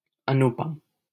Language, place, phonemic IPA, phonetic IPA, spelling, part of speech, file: Hindi, Delhi, /ə.nʊ.pəm/, [ɐ.nʊ.pɐ̃m], अनुपम, adjective / proper noun, LL-Q1568 (hin)-अनुपम.wav
- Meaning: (adjective) unequaled, incomparable, excellent, best, matchless; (proper noun) a male given name, Anupam, from Sanskrit